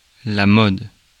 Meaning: 1. fashion, trend 2. method, means, way, mode 3. mode, mood 4. mode 5. mode (most common value)
- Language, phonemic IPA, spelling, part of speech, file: French, /mɔd/, mode, noun, Fr-mode.ogg